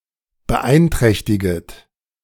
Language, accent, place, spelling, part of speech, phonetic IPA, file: German, Germany, Berlin, beeinträchtiget, verb, [bəˈʔaɪ̯nˌtʁɛçtɪɡət], De-beeinträchtiget.ogg
- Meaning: second-person plural subjunctive I of beeinträchtigen